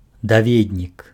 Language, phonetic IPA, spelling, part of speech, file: Belarusian, [daˈvʲednʲik], даведнік, noun, Be-даведнік.ogg
- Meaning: 1. reference book, manual, handbook 2. telephone directory